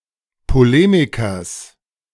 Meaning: genitive singular of Polemiker
- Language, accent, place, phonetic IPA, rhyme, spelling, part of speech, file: German, Germany, Berlin, [poˈleːmɪkɐs], -eːmɪkɐs, Polemikers, noun, De-Polemikers.ogg